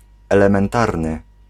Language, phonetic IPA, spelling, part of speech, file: Polish, [ˌɛlɛ̃mɛ̃nˈtarnɨ], elementarny, adjective, Pl-elementarny.ogg